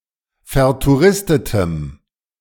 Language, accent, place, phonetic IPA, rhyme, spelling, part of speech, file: German, Germany, Berlin, [fɛɐ̯tuˈʁɪstətəm], -ɪstətəm, vertouristetem, adjective, De-vertouristetem.ogg
- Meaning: strong dative masculine/neuter singular of vertouristet